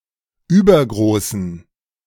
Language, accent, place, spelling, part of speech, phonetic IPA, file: German, Germany, Berlin, übergroßen, adjective, [ˈyːbɐɡʁoːsn̩], De-übergroßen.ogg
- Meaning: inflection of übergroß: 1. strong genitive masculine/neuter singular 2. weak/mixed genitive/dative all-gender singular 3. strong/weak/mixed accusative masculine singular 4. strong dative plural